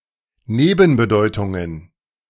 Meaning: plural of Nebenbedeutung
- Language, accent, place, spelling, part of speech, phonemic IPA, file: German, Germany, Berlin, Nebenbedeutungen, noun, /ˈneːbənbəˌdɔɪ̯tʊŋən/, De-Nebenbedeutungen.ogg